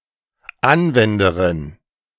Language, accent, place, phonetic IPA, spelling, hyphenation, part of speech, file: German, Germany, Berlin, [ˈanˌvɛndəʁɪn], Anwenderin, An‧wen‧de‧rin, noun, De-Anwenderin.ogg
- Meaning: female equivalent of Anwender (“user”)